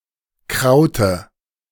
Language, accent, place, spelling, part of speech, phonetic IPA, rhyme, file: German, Germany, Berlin, Kraute, noun, [ˈkʁaʊ̯tə], -aʊ̯tə, De-Kraute.ogg
- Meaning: dative singular of Kraut